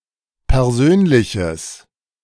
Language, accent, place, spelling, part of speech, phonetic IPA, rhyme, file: German, Germany, Berlin, persönliches, adjective, [pɛʁˈzøːnlɪçəs], -øːnlɪçəs, De-persönliches.ogg
- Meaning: strong/mixed nominative/accusative neuter singular of persönlich